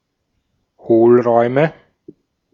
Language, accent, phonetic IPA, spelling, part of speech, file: German, Austria, [ˈhoːlˌʁɔɪ̯mə], Hohlräume, noun, De-at-Hohlräume.ogg
- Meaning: nominative/accusative/genitive plural of Hohlraum